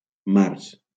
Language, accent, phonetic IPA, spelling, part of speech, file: Catalan, Valencia, [ˈmars], març, noun, LL-Q7026 (cat)-març.wav
- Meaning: March